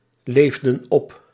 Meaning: inflection of opleven: 1. plural past indicative 2. plural past subjunctive
- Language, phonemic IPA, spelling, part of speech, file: Dutch, /ˈlevdə(n) ˈɔp/, leefden op, verb, Nl-leefden op.ogg